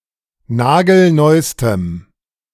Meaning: strong dative masculine/neuter singular superlative degree of nagelneu
- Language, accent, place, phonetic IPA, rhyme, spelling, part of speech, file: German, Germany, Berlin, [ˈnaːɡl̩ˈnɔɪ̯stəm], -ɔɪ̯stəm, nagelneustem, adjective, De-nagelneustem.ogg